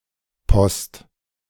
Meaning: 1. mail, post (sent and received letters etc.) 2. mail, post, postal service (method of sending mail; organisation for it) 3. post office
- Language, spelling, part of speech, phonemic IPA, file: German, Post, noun, /pɔst/, De-Post2.ogg